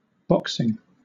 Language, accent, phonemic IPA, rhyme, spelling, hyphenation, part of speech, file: English, Southern England, /ˈbɒksɪŋ/, -ɒksɪŋ, boxing, box‧ing, verb / noun, LL-Q1860 (eng)-boxing.wav
- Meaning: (verb) present participle and gerund of box